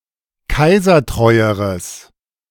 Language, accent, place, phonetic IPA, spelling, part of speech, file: German, Germany, Berlin, [ˈkaɪ̯zɐˌtʁɔɪ̯əʁəs], kaisertreueres, adjective, De-kaisertreueres.ogg
- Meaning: strong/mixed nominative/accusative neuter singular comparative degree of kaisertreu